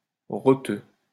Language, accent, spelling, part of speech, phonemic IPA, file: French, France, roteux, noun, /ʁɔ.tø/, LL-Q150 (fra)-roteux.wav
- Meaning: hot dog Named after its tendency to cause burps (rots) after eating